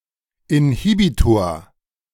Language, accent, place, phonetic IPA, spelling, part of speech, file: German, Germany, Berlin, [ɪnˈhiːbitoːɐ̯], Inhibitor, noun, De-Inhibitor.ogg
- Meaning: inhibitor (all senses)